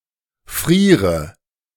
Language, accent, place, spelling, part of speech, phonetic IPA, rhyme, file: German, Germany, Berlin, friere, verb, [ˈfʁiːʁə], -iːʁə, De-friere.ogg
- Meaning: inflection of frieren: 1. first-person singular present 2. first/third-person singular subjunctive I 3. singular imperative